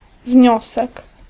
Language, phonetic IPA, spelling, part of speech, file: Polish, [ˈvʲɲɔsɛk], wniosek, noun, Pl-wniosek.ogg